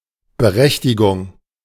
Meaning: 1. entitlement, right 2. warrant 3. permission
- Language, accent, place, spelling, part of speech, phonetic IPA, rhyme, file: German, Germany, Berlin, Berechtigung, noun, [bəˈʁɛçtɪɡʊŋ], -ɛçtɪɡʊŋ, De-Berechtigung.ogg